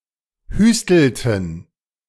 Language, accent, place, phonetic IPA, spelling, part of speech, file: German, Germany, Berlin, [ˈhyːstl̩tn̩], hüstelten, verb, De-hüstelten.ogg
- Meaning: inflection of hüsteln: 1. first/third-person plural preterite 2. first/third-person plural subjunctive II